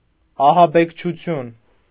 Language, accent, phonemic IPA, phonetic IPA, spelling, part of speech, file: Armenian, Eastern Armenian, /ɑhɑbekt͡ʃʰuˈtʰjun/, [ɑhɑbekt͡ʃʰut͡sʰjún], ահաբեկչություն, noun, Hy-ահաբեկչություն.ogg
- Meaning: 1. terrorism 2. instance of terrorism, terroristic act